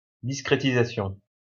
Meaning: discretization
- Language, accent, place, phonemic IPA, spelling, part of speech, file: French, France, Lyon, /dis.kʁe.ti.za.sjɔ̃/, discrétisation, noun, LL-Q150 (fra)-discrétisation.wav